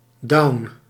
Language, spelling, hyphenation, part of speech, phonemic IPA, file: Dutch, down, down, adjective, /dɑu̯n/, Nl-down.ogg
- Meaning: down, depressed